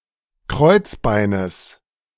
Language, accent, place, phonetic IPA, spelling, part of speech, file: German, Germany, Berlin, [ˈkʁɔɪ̯t͡sˌbaɪ̯nəs], Kreuzbeines, noun, De-Kreuzbeines.ogg
- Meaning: genitive singular of Kreuzbein